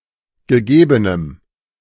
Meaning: strong dative masculine/neuter singular of gegeben
- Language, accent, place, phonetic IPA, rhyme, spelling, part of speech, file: German, Germany, Berlin, [ɡəˈɡeːbənəm], -eːbənəm, gegebenem, adjective, De-gegebenem.ogg